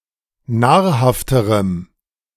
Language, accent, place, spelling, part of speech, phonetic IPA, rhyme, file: German, Germany, Berlin, nahrhafterem, adjective, [ˈnaːɐ̯ˌhaftəʁəm], -aːɐ̯haftəʁəm, De-nahrhafterem.ogg
- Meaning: strong dative masculine/neuter singular comparative degree of nahrhaft